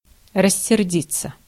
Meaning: 1. to get angry 2. passive of рассерди́ть (rasserdítʹ)
- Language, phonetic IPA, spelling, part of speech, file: Russian, [rəsʲːɪrˈdʲit͡sːə], рассердиться, verb, Ru-рассердиться.ogg